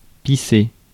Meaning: 1. to piss 2. to pour with (some liquid)
- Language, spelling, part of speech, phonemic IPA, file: French, pisser, verb, /pi.se/, Fr-pisser.ogg